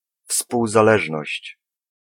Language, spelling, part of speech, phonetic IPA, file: Polish, współzależność, noun, [ˌfspuwzaˈlɛʒnɔɕt͡ɕ], Pl-współzależność.ogg